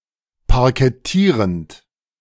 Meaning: present participle of parkettieren
- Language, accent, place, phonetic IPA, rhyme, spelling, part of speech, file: German, Germany, Berlin, [paʁkɛˈtiːʁənt], -iːʁənt, parkettierend, verb, De-parkettierend.ogg